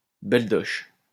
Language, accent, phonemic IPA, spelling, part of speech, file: French, France, /bɛl.dɔʃ/, belle-doche, noun, LL-Q150 (fra)-belle-doche.wav
- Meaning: synonym of belle-mère